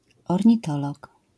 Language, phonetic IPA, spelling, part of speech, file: Polish, [ˌɔrʲɲiˈtɔlɔk], ornitolog, noun, LL-Q809 (pol)-ornitolog.wav